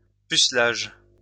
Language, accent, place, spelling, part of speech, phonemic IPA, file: French, France, Lyon, pucelage, noun, /py.slaʒ/, LL-Q150 (fra)-pucelage.wav
- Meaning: 1. virginity 2. innocence